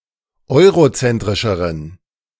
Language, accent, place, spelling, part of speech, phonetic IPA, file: German, Germany, Berlin, eurozentrischeren, adjective, [ˈɔɪ̯ʁoˌt͡sɛntʁɪʃəʁən], De-eurozentrischeren.ogg
- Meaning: inflection of eurozentrisch: 1. strong genitive masculine/neuter singular comparative degree 2. weak/mixed genitive/dative all-gender singular comparative degree